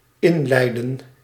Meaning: 1. to usher in 2. to introduce a topic; to prelude 3. to induce labor
- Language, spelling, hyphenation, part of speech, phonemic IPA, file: Dutch, inleiden, in‧lei‧den, verb, /ˈɪnˌlɛi̯.də(n)/, Nl-inleiden.ogg